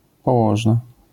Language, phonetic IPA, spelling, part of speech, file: Polish, [pɔˈwɔʒna], położna, noun, LL-Q809 (pol)-położna.wav